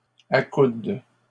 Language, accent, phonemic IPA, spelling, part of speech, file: French, Canada, /a.kud/, accoude, verb, LL-Q150 (fra)-accoude.wav
- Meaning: inflection of accouder: 1. first/third-person singular present indicative/subjunctive 2. second-person singular imperative